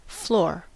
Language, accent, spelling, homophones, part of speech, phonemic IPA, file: English, US, floor, flow, noun / verb, /floɹ/, En-us-floor.ogg
- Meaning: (noun) The interior bottom or surface of a house or building; the supporting surface of a room